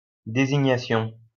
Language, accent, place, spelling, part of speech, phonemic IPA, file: French, France, Lyon, désignation, noun, /de.zi.ɲa.sjɔ̃/, LL-Q150 (fra)-désignation.wav
- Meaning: 1. designation 2. indication 3. connotation